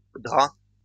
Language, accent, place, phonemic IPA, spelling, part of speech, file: French, France, Lyon, /dʁa/, draps, noun, LL-Q150 (fra)-draps.wav
- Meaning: plural of drap